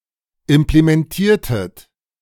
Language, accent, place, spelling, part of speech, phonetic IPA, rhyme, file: German, Germany, Berlin, implementiertet, verb, [ɪmplemɛnˈtiːɐ̯tət], -iːɐ̯tət, De-implementiertet.ogg
- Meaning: inflection of implementieren: 1. second-person plural preterite 2. second-person plural subjunctive II